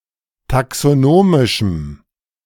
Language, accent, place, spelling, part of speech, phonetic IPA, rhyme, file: German, Germany, Berlin, taxonomischem, adjective, [taksoˈnoːmɪʃm̩], -oːmɪʃm̩, De-taxonomischem.ogg
- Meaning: strong dative masculine/neuter singular of taxonomisch